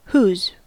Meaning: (determiner) 1. Of whom, belonging to whom; which person's or people's 2. Of whom, belonging to whom 3. Of which, belonging to which; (pronoun) That or those of whom or belonging to whom
- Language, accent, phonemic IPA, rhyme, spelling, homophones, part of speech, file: English, US, /huːz/, -uːz, whose, who's / whos, determiner / pronoun / contraction, En-us-whose.ogg